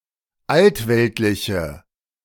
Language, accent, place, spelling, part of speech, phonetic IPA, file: German, Germany, Berlin, altweltliche, adjective, [ˈaltˌvɛltlɪçə], De-altweltliche.ogg
- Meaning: inflection of altweltlich: 1. strong/mixed nominative/accusative feminine singular 2. strong nominative/accusative plural 3. weak nominative all-gender singular